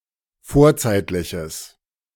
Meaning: strong/mixed nominative/accusative neuter singular of vorzeitlich
- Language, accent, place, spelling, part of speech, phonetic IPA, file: German, Germany, Berlin, vorzeitliches, adjective, [ˈfoːɐ̯ˌt͡saɪ̯tlɪçəs], De-vorzeitliches.ogg